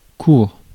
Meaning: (adjective) short; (noun) court; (verb) third-person singular present indicative of courir
- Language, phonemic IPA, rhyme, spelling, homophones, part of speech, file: French, /kuʁ/, -uʁ, court, cour / coure / courent / coures / courre / cours / courts, adjective / noun / verb, Fr-court.ogg